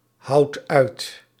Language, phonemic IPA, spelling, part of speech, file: Dutch, /ˈhɑut ˈœyt/, houwt uit, verb, Nl-houwt uit.ogg
- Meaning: inflection of uithouwen: 1. second/third-person singular present indicative 2. plural imperative